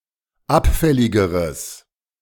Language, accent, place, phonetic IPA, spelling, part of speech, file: German, Germany, Berlin, [ˈapˌfɛlɪɡəʁəs], abfälligeres, adjective, De-abfälligeres.ogg
- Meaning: strong/mixed nominative/accusative neuter singular comparative degree of abfällig